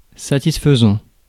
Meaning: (adjective) 1. satisfactory, reasonable (of a satisfactory standard) 2. satisfying, rewarding; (verb) present participle of satisfaire
- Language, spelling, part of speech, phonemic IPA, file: French, satisfaisant, adjective / verb, /sa.tis.fə.zɑ̃/, Fr-satisfaisant.ogg